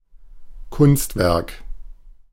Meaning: artwork, work of art, piece of art
- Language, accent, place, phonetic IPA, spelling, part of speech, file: German, Germany, Berlin, [ˈkʊnstˌvɛʁk], Kunstwerk, noun, De-Kunstwerk.ogg